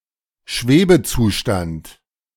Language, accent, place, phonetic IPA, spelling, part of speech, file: German, Germany, Berlin, [ˈʃveːbəˌt͡suːʃtant], Schwebezustand, noun, De-Schwebezustand.ogg
- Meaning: limbo, state of suspense